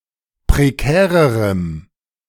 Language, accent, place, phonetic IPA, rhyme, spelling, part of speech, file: German, Germany, Berlin, [pʁeˈkɛːʁəʁəm], -ɛːʁəʁəm, prekärerem, adjective, De-prekärerem.ogg
- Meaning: strong dative masculine/neuter singular comparative degree of prekär